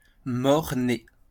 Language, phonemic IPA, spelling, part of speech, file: French, /mɔʁ.ne/, mort-né, adjective / noun, LL-Q150 (fra)-mort-né.wav
- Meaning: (adjective) stillborn (dead at birth); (noun) stillborn